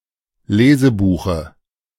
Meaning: dative singular of Lesebuch
- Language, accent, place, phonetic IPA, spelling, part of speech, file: German, Germany, Berlin, [ˈleːzəˌbuːxə], Lesebuche, noun, De-Lesebuche.ogg